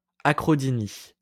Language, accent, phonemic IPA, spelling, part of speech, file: French, France, /a.kʁɔ.di.ni/, acrodynie, noun, LL-Q150 (fra)-acrodynie.wav
- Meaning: acrodynia